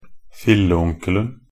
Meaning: definite singular of filleonkel
- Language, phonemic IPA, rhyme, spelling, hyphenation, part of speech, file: Norwegian Bokmål, /fɪlːə.uŋkəln̩/, -əln̩, filleonkelen, fil‧le‧on‧kel‧en, noun, Nb-filleonkelen.ogg